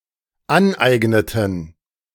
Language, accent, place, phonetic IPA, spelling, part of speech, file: German, Germany, Berlin, [ˈanˌʔaɪ̯ɡnətn̩], aneigneten, verb, De-aneigneten.ogg
- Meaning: inflection of aneignen: 1. first/third-person plural dependent preterite 2. first/third-person plural dependent subjunctive II